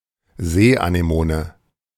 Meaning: sea anemone
- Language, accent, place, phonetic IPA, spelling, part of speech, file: German, Germany, Berlin, [ˈzeːʔaneˌmoːnə], Seeanemone, noun, De-Seeanemone.ogg